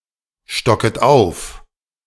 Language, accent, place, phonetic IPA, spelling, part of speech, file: German, Germany, Berlin, [ˌʃtɔkət ˈaʊ̯f], stocket auf, verb, De-stocket auf.ogg
- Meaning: second-person plural subjunctive I of aufstocken